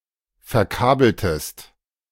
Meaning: inflection of verkabeln: 1. second-person singular preterite 2. second-person singular subjunctive II
- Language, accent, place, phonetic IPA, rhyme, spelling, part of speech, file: German, Germany, Berlin, [fɛɐ̯ˈkaːbl̩təst], -aːbl̩təst, verkabeltest, verb, De-verkabeltest.ogg